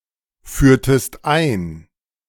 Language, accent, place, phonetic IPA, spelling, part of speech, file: German, Germany, Berlin, [ˌfyːɐ̯təst ˈaɪ̯n], führtest ein, verb, De-führtest ein.ogg
- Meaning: inflection of einführen: 1. second-person singular preterite 2. second-person singular subjunctive II